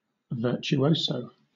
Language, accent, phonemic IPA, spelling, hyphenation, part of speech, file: English, Southern England, /ˌvɜ.tʃuˈəʊ.səʊ/, virtuoso, vir‧tu‧o‧so, noun / adjective, LL-Q1860 (eng)-virtuoso.wav
- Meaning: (noun) 1. An expert in virtù or art objects and antiquities; a connoisseur 2. Someone with special skill or knowledge; an expert